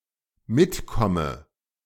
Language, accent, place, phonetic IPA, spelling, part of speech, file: German, Germany, Berlin, [ˈmɪtˌkɔmə], mitkomme, verb, De-mitkomme.ogg
- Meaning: inflection of mitkommen: 1. first-person singular dependent present 2. first/third-person singular dependent subjunctive I